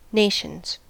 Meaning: plural of nation
- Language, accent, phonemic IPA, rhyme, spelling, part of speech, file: English, US, /ˈneɪʃənz/, -eɪʃənz, nations, noun, En-us-nations.ogg